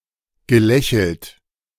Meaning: past participle of lächeln
- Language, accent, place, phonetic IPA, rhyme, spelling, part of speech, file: German, Germany, Berlin, [ɡəˈlɛçl̩t], -ɛçl̩t, gelächelt, verb, De-gelächelt.ogg